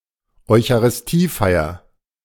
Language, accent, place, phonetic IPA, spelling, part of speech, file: German, Germany, Berlin, [ɔɪ̯çaʁɪsˈtiːˌfaɪ̯ɐ], Eucharistiefeier, noun, De-Eucharistiefeier.ogg
- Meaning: the celebration of the Eucharist